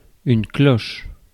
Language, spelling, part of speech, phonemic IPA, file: French, cloche, noun / adjective / verb, /klɔʃ/, Fr-cloche.ogg
- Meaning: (noun) 1. bell (metal apparatus used to produce sound) 2. a glass covering, originally bell-shaped, for garden plants to prevent frost damage and promote early growth